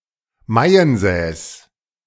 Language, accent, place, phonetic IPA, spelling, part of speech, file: German, Germany, Berlin, [ˈmaɪ̯ənˌsɛːs], Maiensäß, noun, De-Maiensäß.ogg
- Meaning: 1. a type of low Alpine pastureland, typically featuring barns and other small buildings 2. Alpine hut (in such a landscape); châlet